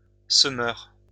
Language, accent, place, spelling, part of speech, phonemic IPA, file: French, France, Lyon, semeur, noun, /sə.mœʁ/, LL-Q150 (fra)-semeur.wav
- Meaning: sower